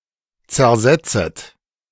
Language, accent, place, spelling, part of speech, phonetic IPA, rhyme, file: German, Germany, Berlin, zersetzet, verb, [t͡sɛɐ̯ˈzɛt͡sət], -ɛt͡sət, De-zersetzet.ogg
- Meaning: second-person plural subjunctive I of zersetzen